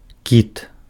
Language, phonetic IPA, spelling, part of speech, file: Belarusian, [kʲit], кіт, noun, Be-кіт.ogg
- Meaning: 1. whale (a large marine mammal) 2. putty, mastic